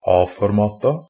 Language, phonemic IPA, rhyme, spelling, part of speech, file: Norwegian Bokmål, /ˈɑːfɔrmɑːta/, -ɑːta, A-formata, noun, NB - Pronunciation of Norwegian Bokmål «a-formata».ogg
- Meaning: definite plural of A-format